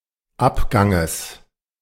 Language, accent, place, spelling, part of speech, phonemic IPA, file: German, Germany, Berlin, Abganges, noun, /ˈʔapˌɡaŋəs/, De-Abganges.ogg
- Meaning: genitive singular of Abgang